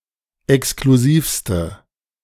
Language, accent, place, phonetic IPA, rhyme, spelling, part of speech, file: German, Germany, Berlin, [ɛkskluˈziːfstə], -iːfstə, exklusivste, adjective, De-exklusivste.ogg
- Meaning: inflection of exklusiv: 1. strong/mixed nominative/accusative feminine singular superlative degree 2. strong nominative/accusative plural superlative degree